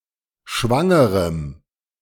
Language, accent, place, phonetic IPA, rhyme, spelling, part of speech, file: German, Germany, Berlin, [ˈʃvaŋəʁəm], -aŋəʁəm, schwangerem, adjective, De-schwangerem.ogg
- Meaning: strong dative masculine/neuter singular of schwanger